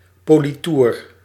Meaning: 1. French polish (polishing agent containing shellack) 2. gloss, shine
- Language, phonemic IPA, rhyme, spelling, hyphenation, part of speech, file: Dutch, /ˌpoː.liˈtur/, -ur, politoer, po‧li‧toer, noun, Nl-politoer.ogg